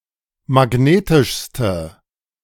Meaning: inflection of magnetisch: 1. strong/mixed nominative/accusative feminine singular superlative degree 2. strong nominative/accusative plural superlative degree
- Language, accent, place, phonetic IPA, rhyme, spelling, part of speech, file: German, Germany, Berlin, [maˈɡneːtɪʃstə], -eːtɪʃstə, magnetischste, adjective, De-magnetischste.ogg